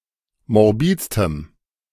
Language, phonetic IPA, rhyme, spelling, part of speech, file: German, [mɔʁˈbiːt͡stəm], -iːt͡stəm, morbidstem, adjective, De-morbidstem.ogg